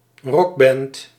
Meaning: rock band
- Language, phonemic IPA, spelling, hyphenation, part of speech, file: Dutch, /ˈrɔk.bɛnt/, rockband, rock‧band, noun, Nl-rockband.ogg